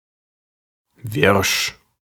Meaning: 1. surly, gruff, testy 2. impatient, agitated, wild
- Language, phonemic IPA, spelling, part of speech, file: German, /vɪʁʃ/, wirsch, adjective, De-wirsch.ogg